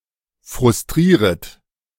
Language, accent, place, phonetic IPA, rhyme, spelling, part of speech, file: German, Germany, Berlin, [fʁʊsˈtʁiːʁət], -iːʁət, frustrieret, verb, De-frustrieret.ogg
- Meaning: second-person plural subjunctive I of frustrieren